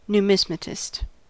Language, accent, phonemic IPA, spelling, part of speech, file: English, US, /njuːˈmɪzmətɪst/, numismatist, noun, En-us-numismatist.ogg
- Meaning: One who studies and/or collects coins and/or currencies